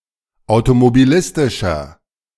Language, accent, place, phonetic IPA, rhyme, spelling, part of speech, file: German, Germany, Berlin, [aʊ̯tomobiˈlɪstɪʃɐ], -ɪstɪʃɐ, automobilistischer, adjective, De-automobilistischer.ogg
- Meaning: inflection of automobilistisch: 1. strong/mixed nominative masculine singular 2. strong genitive/dative feminine singular 3. strong genitive plural